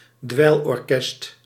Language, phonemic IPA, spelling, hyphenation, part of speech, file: Dutch, /ˈdʋɛi̯l.ɔrˌkɛst/, dweilorkest, dweil‧or‧kest, noun, Nl-dweilorkest.ogg
- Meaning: marching band or small band orchestra of wind and percussive instruments, especially at Carnival or other celebrations